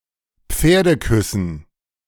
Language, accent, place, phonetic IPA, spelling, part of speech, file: German, Germany, Berlin, [ˈp͡feːɐ̯dəˌkʏsn̩], Pferdeküssen, noun, De-Pferdeküssen.ogg
- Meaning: dative plural of Pferdekuss